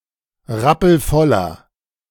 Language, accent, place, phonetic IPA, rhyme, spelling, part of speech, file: German, Germany, Berlin, [ˈʁapl̩ˈfɔlɐ], -ɔlɐ, rappelvoller, adjective, De-rappelvoller.ogg
- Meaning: inflection of rappelvoll: 1. strong/mixed nominative masculine singular 2. strong genitive/dative feminine singular 3. strong genitive plural